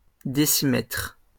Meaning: decimetre (UK) / decimeter (US)
- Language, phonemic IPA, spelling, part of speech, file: French, /de.si.mɛtʁ/, décimètre, noun, LL-Q150 (fra)-décimètre.wav